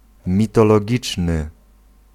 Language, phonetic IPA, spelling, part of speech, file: Polish, [ˌmʲitɔlɔˈɟit͡ʃnɨ], mitologiczny, adjective, Pl-mitologiczny.ogg